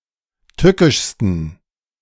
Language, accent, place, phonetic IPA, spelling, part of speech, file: German, Germany, Berlin, [ˈtʏkɪʃstn̩], tückischsten, adjective, De-tückischsten.ogg
- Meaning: 1. superlative degree of tückisch 2. inflection of tückisch: strong genitive masculine/neuter singular superlative degree